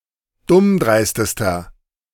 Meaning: inflection of dummdreist: 1. strong/mixed nominative masculine singular superlative degree 2. strong genitive/dative feminine singular superlative degree 3. strong genitive plural superlative degree
- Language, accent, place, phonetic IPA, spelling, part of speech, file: German, Germany, Berlin, [ˈdʊmˌdʁaɪ̯stəstɐ], dummdreistester, adjective, De-dummdreistester.ogg